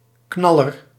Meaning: 1. something excellent, belter, ripper 2. something that produes explosions or booms
- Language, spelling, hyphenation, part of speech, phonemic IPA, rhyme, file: Dutch, knaller, knal‧ler, noun, /ˈknɑ.lər/, -ɑlər, Nl-knaller.ogg